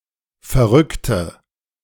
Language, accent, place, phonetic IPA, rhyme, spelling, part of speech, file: German, Germany, Berlin, [fɛɐ̯ˈʁʏktə], -ʏktə, verrückte, adjective / verb, De-verrückte.ogg
- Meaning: inflection of verrückt: 1. strong/mixed nominative/accusative feminine singular 2. strong nominative/accusative plural 3. weak nominative all-gender singular